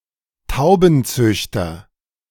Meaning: pigeon breeder, pigeon fancier (male or of unspecified gender)
- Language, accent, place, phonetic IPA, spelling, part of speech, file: German, Germany, Berlin, [ˈtaʊ̯bn̩ˌt͡sʏçtɐ], Taubenzüchter, noun, De-Taubenzüchter.ogg